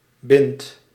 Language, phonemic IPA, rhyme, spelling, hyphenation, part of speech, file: Dutch, /bɪnt/, -ɪnt, bint, bint, noun, Nl-bint.ogg
- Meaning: 1. heavy wooden beam, especially as part of a roof 2. several beams, forming the structure of a building or a roof